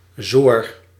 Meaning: dry and coarse
- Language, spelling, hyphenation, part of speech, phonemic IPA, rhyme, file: Dutch, zoor, zoor, adjective, /zoːr/, -oːr, Nl-zoor.ogg